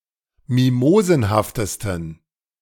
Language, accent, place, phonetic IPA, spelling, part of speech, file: German, Germany, Berlin, [ˈmimoːzn̩haftəstn̩], mimosenhaftesten, adjective, De-mimosenhaftesten.ogg
- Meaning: 1. superlative degree of mimosenhaft 2. inflection of mimosenhaft: strong genitive masculine/neuter singular superlative degree